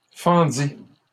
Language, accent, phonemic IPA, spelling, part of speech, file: French, Canada, /fɑ̃.di/, fendis, verb, LL-Q150 (fra)-fendis.wav
- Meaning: first/second-person singular past historic of fendre